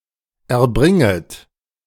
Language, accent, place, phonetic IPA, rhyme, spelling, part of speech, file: German, Germany, Berlin, [ɛɐ̯ˈbʁɪŋət], -ɪŋət, erbringet, verb, De-erbringet.ogg
- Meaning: second-person plural subjunctive I of erbringen